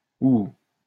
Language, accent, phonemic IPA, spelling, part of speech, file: French, France, /u/, ouh, interjection, LL-Q150 (fra)-ouh.wav
- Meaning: 1. ooh, ouch 2. boo, hiss 3. tuwhit tuwhoo (hoot of an owl)